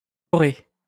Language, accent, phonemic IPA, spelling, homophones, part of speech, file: French, France, /kɔ.ʁe/, chorée, Corée, noun, LL-Q150 (fra)-chorée.wav
- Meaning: chorea